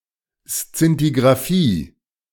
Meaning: scintigraphy
- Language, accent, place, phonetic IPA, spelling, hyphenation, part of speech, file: German, Germany, Berlin, [ˈst͡sintiɡʁaˈfiː], Szintigrafie, Szin‧ti‧gra‧fie, noun, De-Szintigrafie.ogg